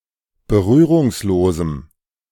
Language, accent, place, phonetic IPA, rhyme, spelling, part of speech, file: German, Germany, Berlin, [bəˈʁyːʁʊŋsˌloːzm̩], -yːʁʊŋsloːzm̩, berührungslosem, adjective, De-berührungslosem.ogg
- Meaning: strong dative masculine/neuter singular of berührungslos